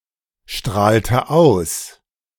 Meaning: inflection of ausstrahlen: 1. first/third-person singular preterite 2. first/third-person singular subjunctive II
- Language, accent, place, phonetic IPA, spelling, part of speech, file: German, Germany, Berlin, [ˌʃtʁaːltə ˈaʊ̯s], strahlte aus, verb, De-strahlte aus.ogg